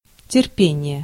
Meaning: patience, endurance (quality of being patient)
- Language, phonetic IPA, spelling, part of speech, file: Russian, [tʲɪrˈpʲenʲɪje], терпение, noun, Ru-терпение.ogg